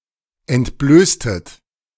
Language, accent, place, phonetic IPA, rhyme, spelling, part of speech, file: German, Germany, Berlin, [ɛntˈbløːstət], -øːstət, entblößtet, verb, De-entblößtet.ogg
- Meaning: inflection of entblößen: 1. second-person plural preterite 2. second-person plural subjunctive II